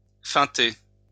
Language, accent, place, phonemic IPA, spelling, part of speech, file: French, France, Lyon, /fɛ̃.te/, feinter, verb, LL-Q150 (fra)-feinter.wav
- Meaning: to feint